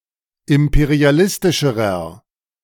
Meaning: inflection of imperialistisch: 1. strong/mixed nominative masculine singular comparative degree 2. strong genitive/dative feminine singular comparative degree
- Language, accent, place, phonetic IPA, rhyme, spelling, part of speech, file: German, Germany, Berlin, [ˌɪmpeʁiaˈlɪstɪʃəʁɐ], -ɪstɪʃəʁɐ, imperialistischerer, adjective, De-imperialistischerer.ogg